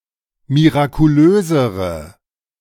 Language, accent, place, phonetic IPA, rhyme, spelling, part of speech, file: German, Germany, Berlin, [miʁakuˈløːzəʁə], -øːzəʁə, mirakulösere, adjective, De-mirakulösere.ogg
- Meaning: inflection of mirakulös: 1. strong/mixed nominative/accusative feminine singular comparative degree 2. strong nominative/accusative plural comparative degree